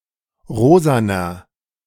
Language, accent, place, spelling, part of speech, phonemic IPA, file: German, Germany, Berlin, rosaner, adjective, /ˈʁoːzanɐ/, De-rosaner.ogg
- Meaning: inflection of rosa: 1. strong/mixed nominative masculine singular 2. strong genitive/dative feminine singular 3. strong genitive plural